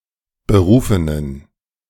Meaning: inflection of berufen: 1. strong genitive masculine/neuter singular 2. weak/mixed genitive/dative all-gender singular 3. strong/weak/mixed accusative masculine singular 4. strong dative plural
- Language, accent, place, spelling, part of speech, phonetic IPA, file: German, Germany, Berlin, berufenen, adjective, [bəˈʁuːfənən], De-berufenen.ogg